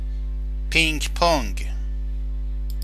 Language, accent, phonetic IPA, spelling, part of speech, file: Persian, Iran, [pinɡ ponɡ], پینگ‌پونگ, noun, Fa-پینگ پونگ.oga
- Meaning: ping pong